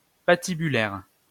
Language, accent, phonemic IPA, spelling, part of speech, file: French, France, /pa.ti.by.lɛʁ/, patibulaire, adjective, LL-Q150 (fra)-patibulaire.wav
- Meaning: 1. gibbet 2. sinister